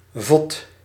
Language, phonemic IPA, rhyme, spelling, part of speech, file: Dutch, /vɔt/, -ɔt, vot, noun, Nl-vot.ogg
- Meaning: butt, buttocks, posterior